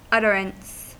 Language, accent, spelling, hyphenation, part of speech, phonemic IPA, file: English, General American, utterance, ut‧ter‧ance, noun, /ˈʌtəɹəns/, En-us-utterance.ogg
- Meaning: An act of, or the process of, uttering